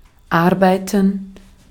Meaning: 1. to work (to do a specific task by employing physical or mental powers) 2. to work, function, run, operate (to be operative, in action) 3. to ferment (to react, using fermentation)
- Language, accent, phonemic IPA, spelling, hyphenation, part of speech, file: German, Austria, /ˈaʁbaɪ̯tən/, arbeiten, ar‧bei‧ten, verb, De-at-arbeiten.ogg